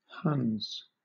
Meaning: plural of Hun
- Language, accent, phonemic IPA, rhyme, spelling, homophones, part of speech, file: English, Southern England, /hʌnz/, -ʌnz, Huns, huns, noun, LL-Q1860 (eng)-Huns.wav